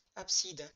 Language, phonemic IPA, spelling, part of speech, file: French, /ap.sid/, abside, noun, LL-Q150 (fra)-abside.wav
- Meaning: apse